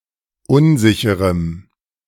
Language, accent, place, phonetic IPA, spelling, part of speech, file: German, Germany, Berlin, [ˈʊnˌzɪçəʁəm], unsicherem, adjective, De-unsicherem.ogg
- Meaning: strong dative masculine/neuter singular of unsicher